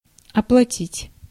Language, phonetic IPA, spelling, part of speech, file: Russian, [ɐpɫɐˈtʲitʲ], оплатить, verb, Ru-оплатить.ogg
- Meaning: 1. to pay, to repay, to pay off 2. to remunerate